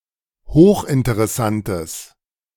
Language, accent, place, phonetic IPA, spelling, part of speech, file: German, Germany, Berlin, [ˈhoːxʔɪntəʁɛˌsantəs], hochinteressantes, adjective, De-hochinteressantes.ogg
- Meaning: strong/mixed nominative/accusative neuter singular of hochinteressant